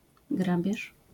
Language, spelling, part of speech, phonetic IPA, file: Polish, grabież, noun, [ˈɡrabʲjɛʃ], LL-Q809 (pol)-grabież.wav